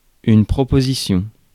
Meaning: 1. proposition, suggestion 2. proposition 3. clause
- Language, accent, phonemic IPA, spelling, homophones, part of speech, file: French, France, /pʁɔ.po.zi.sjɔ̃/, proposition, propositions, noun, Fr-proposition.ogg